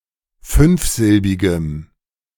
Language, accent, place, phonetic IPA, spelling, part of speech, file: German, Germany, Berlin, [ˈfʏnfˌzɪlbɪɡəm], fünfsilbigem, adjective, De-fünfsilbigem.ogg
- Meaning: strong dative masculine/neuter singular of fünfsilbig